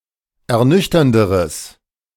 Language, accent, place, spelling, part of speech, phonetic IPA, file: German, Germany, Berlin, ernüchternderes, adjective, [ɛɐ̯ˈnʏçtɐndəʁəs], De-ernüchternderes.ogg
- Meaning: strong/mixed nominative/accusative neuter singular comparative degree of ernüchternd